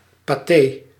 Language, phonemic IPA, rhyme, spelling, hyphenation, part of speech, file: Dutch, /paːˈteː/, -eː, paté, pa‧té, noun, Nl-paté.ogg
- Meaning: pâté